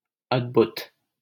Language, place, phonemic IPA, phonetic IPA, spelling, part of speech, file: Hindi, Delhi, /əd̪.bʱʊt̪/, [ɐd̪.bʱʊt̪], अद्भुत, adjective, LL-Q1568 (hin)-अद्भुत.wav
- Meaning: fantastic, marvellous, astonishing